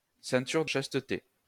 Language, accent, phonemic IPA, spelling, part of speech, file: French, France, /sɛ̃.tyʁ də ʃas.tə.te/, ceinture de chasteté, noun, LL-Q150 (fra)-ceinture de chasteté.wav
- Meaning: chastity belt